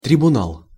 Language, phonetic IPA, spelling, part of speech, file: Russian, [trʲɪbʊˈnaɫ], трибунал, noun, Ru-трибунал.ogg
- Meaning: tribunal